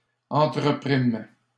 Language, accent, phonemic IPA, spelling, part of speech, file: French, Canada, /ɑ̃.tʁə.pʁim/, entreprîmes, verb, LL-Q150 (fra)-entreprîmes.wav
- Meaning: first-person plural past historic of entreprendre